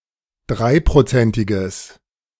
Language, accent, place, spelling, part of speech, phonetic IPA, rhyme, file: German, Germany, Berlin, dreiprozentiges, adjective, [ˈdʁaɪ̯pʁoˌt͡sɛntɪɡəs], -aɪ̯pʁot͡sɛntɪɡəs, De-dreiprozentiges.ogg
- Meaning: strong/mixed nominative/accusative neuter singular of dreiprozentig